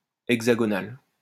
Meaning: 1. hexagonal 2. French; specifically, related to the French mainland (l'Hexagone)
- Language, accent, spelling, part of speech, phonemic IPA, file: French, France, hexagonal, adjective, /ɛɡ.za.ɡɔ.nal/, LL-Q150 (fra)-hexagonal.wav